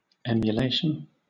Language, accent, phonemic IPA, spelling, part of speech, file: English, Southern England, /ˌɛm.jʊˈleɪ̯.ʃən/, emulation, noun, LL-Q1860 (eng)-emulation.wav
- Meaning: 1. The endeavor or desire to equal or excel someone else in qualities or actions 2. Jealous rivalry; envy; envious contention